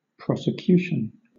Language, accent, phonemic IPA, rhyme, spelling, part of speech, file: English, Southern England, /ˌpɹɒs.ɪˈkjuː.ʃən/, -uːʃən, prosecution, noun, LL-Q1860 (eng)-prosecution.wav
- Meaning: 1. The act of prosecuting a scheme or endeavor 2. The institution of legal proceedings (particularly criminal) against a person 3. The prosecuting party